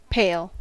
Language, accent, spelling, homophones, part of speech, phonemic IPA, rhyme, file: English, US, pale, pail, adjective / verb / noun, /peɪl/, -eɪl, En-us-pale.ogg
- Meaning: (adjective) 1. Light in color 2. Having a pallor (a light color, especially due to sickness, shock, fright etc.) 3. Feeble, faint; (verb) 1. To turn pale; to lose colour 2. To become insignificant